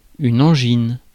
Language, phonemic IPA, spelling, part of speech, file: French, /ɑ̃.ʒin/, angine, noun, Fr-angine.ogg
- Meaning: 1. tonsillitis 2. angina, sore throat, pharyngitis